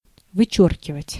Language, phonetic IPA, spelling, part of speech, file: Russian, [vɨˈt͡ɕɵrkʲɪvətʲ], вычёркивать, verb, Ru-вычёркивать.ogg
- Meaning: to cross out, to strike out, to cut out, to expunge, to delete